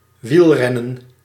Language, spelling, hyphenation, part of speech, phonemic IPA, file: Dutch, wielrennen, wiel‧ren‧nen, verb / noun, /ˈʋilˌrɛ.nə(n)/, Nl-wielrennen.ogg
- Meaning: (verb) to race on a bicycle; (noun) race cycling